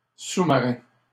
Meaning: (noun) 1. submarine (undersea boat) 2. submarine (sandwich); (adjective) underwater; submarine
- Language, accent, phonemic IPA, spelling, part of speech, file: French, Canada, /su.ma.ʁɛ̃/, sous-marin, noun / adjective, LL-Q150 (fra)-sous-marin.wav